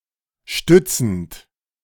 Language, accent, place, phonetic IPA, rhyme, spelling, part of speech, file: German, Germany, Berlin, [ˈʃtʏt͡sn̩t], -ʏt͡sn̩t, stützend, verb, De-stützend.ogg
- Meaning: present participle of stützen